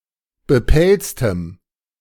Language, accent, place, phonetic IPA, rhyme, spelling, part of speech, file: German, Germany, Berlin, [bəˈpɛlt͡stəm], -ɛlt͡stəm, bepelztem, adjective, De-bepelztem.ogg
- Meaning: strong dative masculine/neuter singular of bepelzt